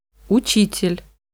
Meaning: teacher, instructor
- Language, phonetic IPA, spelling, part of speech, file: Russian, [ʊˈt͡ɕitʲɪlʲ], учитель, noun, Ru-учитель.ogg